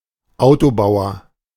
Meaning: carmaker
- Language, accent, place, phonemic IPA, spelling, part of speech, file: German, Germany, Berlin, /ˈaʊ̯toˌbaʊ̯ɐ/, Autobauer, noun, De-Autobauer.ogg